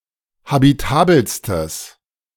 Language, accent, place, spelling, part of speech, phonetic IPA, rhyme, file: German, Germany, Berlin, habitabelstes, adjective, [habiˈtaːbl̩stəs], -aːbl̩stəs, De-habitabelstes.ogg
- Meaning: strong/mixed nominative/accusative neuter singular superlative degree of habitabel